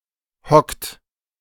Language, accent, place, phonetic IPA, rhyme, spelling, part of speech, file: German, Germany, Berlin, [hɔkt], -ɔkt, hockt, verb, De-hockt.ogg
- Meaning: inflection of hocken: 1. third-person singular present 2. second-person plural present 3. plural imperative